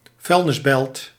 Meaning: landfill, dumpsite
- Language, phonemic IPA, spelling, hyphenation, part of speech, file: Dutch, /ˈvœy̯l.nɪsˌbɛlt/, vuilnisbelt, vuil‧nis‧belt, noun, Nl-vuilnisbelt.ogg